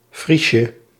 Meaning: diminutive of fries
- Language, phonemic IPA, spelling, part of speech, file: Dutch, /ˈfriʃə/, friesje, noun, Nl-friesje.ogg